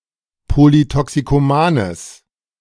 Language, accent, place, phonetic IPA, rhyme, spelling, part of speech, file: German, Germany, Berlin, [ˌpolitɔksikoˈmaːnəs], -aːnəs, polytoxikomanes, adjective, De-polytoxikomanes.ogg
- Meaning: strong/mixed nominative/accusative neuter singular of polytoxikoman